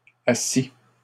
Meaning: third-person singular imperfect subjunctive of asseoir
- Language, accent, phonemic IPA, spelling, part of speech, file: French, Canada, /a.si/, assît, verb, LL-Q150 (fra)-assît.wav